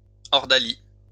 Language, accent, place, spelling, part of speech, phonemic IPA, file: French, France, Lyon, ordalie, noun, /ɔʁ.da.li/, LL-Q150 (fra)-ordalie.wav
- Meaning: ordalium; ordeal